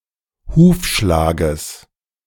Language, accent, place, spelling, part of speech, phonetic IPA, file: German, Germany, Berlin, Hufschlages, noun, [ˈhuːfˌʃlaːɡəs], De-Hufschlages.ogg
- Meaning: genitive singular of Hufschlag